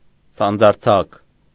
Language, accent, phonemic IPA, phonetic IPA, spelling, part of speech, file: Armenian, Eastern Armenian, /sɑnd͡zɑɾˈt͡sʰɑk/, [sɑnd͡zɑɾt͡sʰɑ́k], սանձարձակ, adjective, Hy-սանձարձակ.ogg
- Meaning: 1. reinless, unbridled 2. unruly, ungovernable, lawless, disorderly